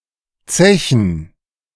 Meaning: to drink alcohol to excess; to booze
- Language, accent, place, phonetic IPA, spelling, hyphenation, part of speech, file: German, Germany, Berlin, [ˈtsɛçən], zechen, ze‧chen, verb, De-zechen.ogg